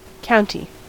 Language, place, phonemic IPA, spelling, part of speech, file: English, California, /ˈkaʊn(t)i/, county, noun / adjective, En-us-county.ogg
- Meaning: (noun) The land ruled by a count or a countess